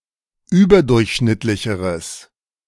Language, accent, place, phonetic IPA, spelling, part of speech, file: German, Germany, Berlin, [ˈyːbɐˌdʊʁçʃnɪtlɪçəʁəs], überdurchschnittlicheres, adjective, De-überdurchschnittlicheres.ogg
- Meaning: strong/mixed nominative/accusative neuter singular comparative degree of überdurchschnittlich